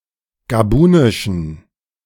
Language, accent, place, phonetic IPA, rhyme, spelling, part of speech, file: German, Germany, Berlin, [ɡaˈbuːnɪʃn̩], -uːnɪʃn̩, gabunischen, adjective, De-gabunischen.ogg
- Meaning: inflection of gabunisch: 1. strong genitive masculine/neuter singular 2. weak/mixed genitive/dative all-gender singular 3. strong/weak/mixed accusative masculine singular 4. strong dative plural